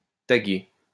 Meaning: alternative spelling of tagger
- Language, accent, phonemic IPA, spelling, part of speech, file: French, France, /ta.ɡe/, taguer, verb, LL-Q150 (fra)-taguer.wav